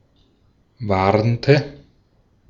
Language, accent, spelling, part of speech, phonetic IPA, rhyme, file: German, Austria, warnte, verb, [ˈvaʁntə], -aʁntə, De-at-warnte.ogg
- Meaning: inflection of warnen: 1. first/third-person singular preterite 2. first/third-person singular subjunctive II